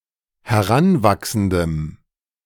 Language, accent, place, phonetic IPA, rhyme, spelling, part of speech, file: German, Germany, Berlin, [hɛˈʁanˌvaksn̩dəm], -anvaksn̩dəm, heranwachsendem, adjective, De-heranwachsendem.ogg
- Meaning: strong dative masculine/neuter singular of heranwachsend